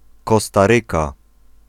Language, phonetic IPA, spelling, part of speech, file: Polish, [ˌkɔstaˈrɨka], Kostaryka, proper noun, Pl-Kostaryka.ogg